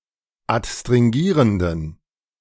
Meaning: inflection of adstringierend: 1. strong genitive masculine/neuter singular 2. weak/mixed genitive/dative all-gender singular 3. strong/weak/mixed accusative masculine singular 4. strong dative plural
- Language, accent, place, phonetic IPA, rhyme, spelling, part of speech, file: German, Germany, Berlin, [atstʁɪŋˈɡiːʁəndn̩], -iːʁəndn̩, adstringierenden, adjective, De-adstringierenden.ogg